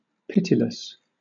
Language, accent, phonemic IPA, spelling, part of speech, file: English, Southern England, /ˈpɪtɪləs/, pitiless, adjective, LL-Q1860 (eng)-pitiless.wav
- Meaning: 1. Having, or showing, no pity; merciless, ruthless 2. Having no kind feelings; unkind